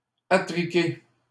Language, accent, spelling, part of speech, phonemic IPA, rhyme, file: French, Canada, attriquer, verb, /a.tʁi.ke/, -e, LL-Q150 (fra)-attriquer.wav
- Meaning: 1. to buy on credit 2. to dress oddly, to trick out